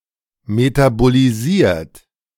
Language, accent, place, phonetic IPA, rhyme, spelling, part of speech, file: German, Germany, Berlin, [ˌmetaboliˈziːɐ̯t], -iːɐ̯t, metabolisiert, verb, De-metabolisiert.ogg
- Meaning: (verb) past participle of metabolisieren; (adjective) metabolized